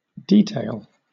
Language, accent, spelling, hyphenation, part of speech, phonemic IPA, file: English, Southern England, detail, de‧tail, noun / verb, /ˈdiː.teɪl/, LL-Q1860 (eng)-detail.wav
- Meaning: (noun) 1. A part small enough to escape casual notice 2. A profusion of details 3. The small parts that can escape casual notice 4. A part considered trivial enough to ignore